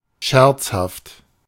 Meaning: jocular (humorous, amusing, joking)
- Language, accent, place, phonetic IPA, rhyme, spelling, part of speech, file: German, Germany, Berlin, [ˈʃɛʁt͡shaft], -ɛʁt͡shaft, scherzhaft, adjective, De-scherzhaft.ogg